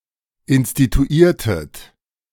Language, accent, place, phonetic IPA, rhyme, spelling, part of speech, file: German, Germany, Berlin, [ɪnstituˈiːɐ̯tət], -iːɐ̯tət, instituiertet, verb, De-instituiertet.ogg
- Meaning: inflection of instituieren: 1. second-person plural preterite 2. second-person plural subjunctive II